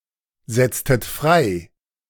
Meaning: inflection of freisetzen: 1. second-person plural preterite 2. second-person plural subjunctive II
- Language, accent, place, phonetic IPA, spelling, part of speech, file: German, Germany, Berlin, [ˌzɛt͡stət ˈfʁaɪ̯], setztet frei, verb, De-setztet frei.ogg